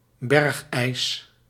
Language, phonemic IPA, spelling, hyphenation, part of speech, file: Dutch, /ˈbɛrx.ɛi̯s/, bergijs, berg‧ijs, noun, Nl-bergijs.ogg
- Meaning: mountain ice (ice on or from a mountain)